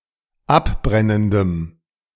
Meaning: strong dative masculine/neuter singular of abbrennend
- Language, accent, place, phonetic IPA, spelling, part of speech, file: German, Germany, Berlin, [ˈapˌbʁɛnəndəm], abbrennendem, adjective, De-abbrennendem.ogg